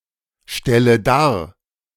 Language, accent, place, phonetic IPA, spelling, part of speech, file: German, Germany, Berlin, [ˌʃtɛlə ˈdaːɐ̯], stelle dar, verb, De-stelle dar.ogg
- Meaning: inflection of darstellen: 1. first-person singular present 2. first/third-person singular subjunctive I 3. singular imperative